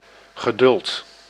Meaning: patience
- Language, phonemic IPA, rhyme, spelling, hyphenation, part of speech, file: Dutch, /ɣəˈdʏlt/, -ʏlt, geduld, ge‧duld, noun, Nl-geduld.ogg